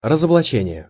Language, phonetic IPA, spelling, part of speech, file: Russian, [rəzəbɫɐˈt͡ɕenʲɪje], разоблачение, noun, Ru-разоблачение.ogg
- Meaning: exposure, exposing, disclosure, disclosing, unmasking, denunciation